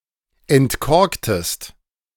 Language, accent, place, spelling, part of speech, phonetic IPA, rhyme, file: German, Germany, Berlin, entkorktest, verb, [ɛntˈkɔʁktəst], -ɔʁktəst, De-entkorktest.ogg
- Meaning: inflection of entkorken: 1. second-person singular preterite 2. second-person singular subjunctive II